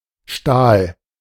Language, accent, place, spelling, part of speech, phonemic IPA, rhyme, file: German, Germany, Berlin, Stahl, noun, /ʃtaːl/, -aːl, De-Stahl.ogg
- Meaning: steel